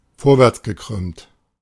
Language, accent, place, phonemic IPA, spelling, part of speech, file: German, Germany, Berlin, /ˈfoːɐ̯vɛʁt͡sɡəˌkʁʏmt/, vorwärtsgekrümmt, adjective, De-vorwärtsgekrümmt.ogg
- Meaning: curved forward